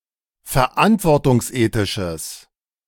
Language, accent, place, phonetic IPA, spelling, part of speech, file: German, Germany, Berlin, [fɛɐ̯ˈʔantvɔʁtʊŋsˌʔeːtɪʃəs], verantwortungsethisches, adjective, De-verantwortungsethisches.ogg
- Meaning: strong/mixed nominative/accusative neuter singular of verantwortungsethisch